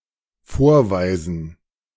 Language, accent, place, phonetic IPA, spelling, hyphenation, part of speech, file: German, Germany, Berlin, [ˈfoːɐ̯ˌvaɪzn̩], vorweisen, vor‧wei‧sen, verb, De-vorweisen.ogg
- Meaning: 1. to show 2. to perform